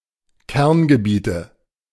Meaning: 1. nominative/accusative/genitive plural of Kerngebiet 2. dative of Kerngebiet
- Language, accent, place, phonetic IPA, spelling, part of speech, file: German, Germany, Berlin, [ˈkɛʁnɡəˌbiːtə], Kerngebiete, noun, De-Kerngebiete.ogg